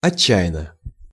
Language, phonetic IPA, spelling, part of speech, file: Russian, [ɐˈt͡ɕːæ(j)ɪn(ː)ə], отчаянно, adverb / adjective, Ru-отчаянно.ogg
- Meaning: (adverb) desperately (in a desperate manner); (adjective) short neuter singular of отча́янный (otčájannyj)